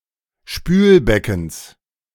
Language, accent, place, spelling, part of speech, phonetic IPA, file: German, Germany, Berlin, Spülbeckens, noun, [ˈʃpyːlˌbɛkn̩s], De-Spülbeckens.ogg
- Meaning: genitive of Spülbecken